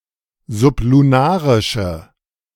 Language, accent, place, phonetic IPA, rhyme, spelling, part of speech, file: German, Germany, Berlin, [zʊpluˈnaːʁɪʃə], -aːʁɪʃə, sublunarische, adjective, De-sublunarische.ogg
- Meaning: inflection of sublunarisch: 1. strong/mixed nominative/accusative feminine singular 2. strong nominative/accusative plural 3. weak nominative all-gender singular